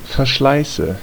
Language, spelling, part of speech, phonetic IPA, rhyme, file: German, Verschleiße, noun, [fɛɐ̯ˈʃlaɪ̯sə], -aɪ̯sə, De-Verschleiße.ogg
- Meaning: nominative/accusative/genitive plural of Verschleiß